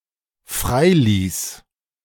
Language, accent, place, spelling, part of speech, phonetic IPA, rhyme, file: German, Germany, Berlin, freiließ, verb, [ˈfʁaɪ̯ˌliːs], -aɪ̯liːs, De-freiließ.ogg
- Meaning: first/third-person singular dependent preterite of freilassen